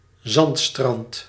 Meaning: a sandbeach
- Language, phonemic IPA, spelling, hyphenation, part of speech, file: Dutch, /ˈzɑnt.strɑnt/, zandstrand, zand‧strand, noun, Nl-zandstrand.ogg